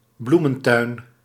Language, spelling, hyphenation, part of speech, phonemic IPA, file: Dutch, bloementuin, bloe‧men‧tuin, noun, /ˈblu.mə(n)ˌtœy̯n/, Nl-bloementuin.ogg
- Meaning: a flower garden